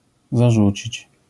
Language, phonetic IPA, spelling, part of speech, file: Polish, [zaˈʒut͡ɕit͡ɕ], zarzucić, verb, LL-Q809 (pol)-zarzucić.wav